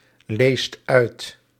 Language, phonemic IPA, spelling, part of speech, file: Dutch, /ˈlest ˈœyt/, leest uit, verb, Nl-leest uit.ogg
- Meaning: inflection of uitlezen: 1. second/third-person singular present indicative 2. plural imperative